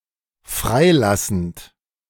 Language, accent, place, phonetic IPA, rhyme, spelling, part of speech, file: German, Germany, Berlin, [ˈfʁaɪ̯ˌlasn̩t], -aɪ̯lasn̩t, freilassend, verb, De-freilassend.ogg
- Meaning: present participle of freilassen